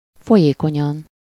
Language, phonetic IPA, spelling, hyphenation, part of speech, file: Hungarian, [ˈfojeːkoɲɒn], folyékonyan, fo‧lyé‧ko‧nyan, adverb, Hu-folyékonyan.ogg
- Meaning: fluently